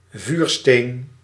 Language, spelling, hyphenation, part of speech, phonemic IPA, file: Dutch, vuursteen, vuur‧steen, noun, /ˈvyr.steːn/, Nl-vuursteen.ogg
- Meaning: 1. a flint, piece of hard fine-grained quartz stone, as struck to spark up a fire 2. flint, the material silex